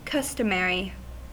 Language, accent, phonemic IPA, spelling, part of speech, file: English, US, /ˈkʌs.təˌmɛɹ.i/, customary, adjective / noun, En-us-customary.ogg
- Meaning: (adjective) 1. In accordance with, or established by, custom or common usage 2. Holding or held by custom; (noun) A book containing laws and usages, or customs; a custumal